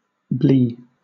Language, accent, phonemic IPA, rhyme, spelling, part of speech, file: English, Southern England, /bliː/, -iː, blee, noun / interjection, LL-Q1860 (eng)-blee.wav
- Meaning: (noun) 1. Color, hue 2. Color of the face, complexion, coloring 3. Consistency, form, texture 4. General resemblance, likeness; appearance, aspect, look